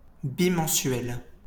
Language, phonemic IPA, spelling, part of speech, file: French, /bi.mɑ̃.sɥɛl/, bimensuel, adjective / noun, LL-Q150 (fra)-bimensuel.wav
- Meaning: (adjective) fortnightly, semimonthly, bimonthly, biweekly (occurring twice a month); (noun) bimonthly (a publication issued twice a month)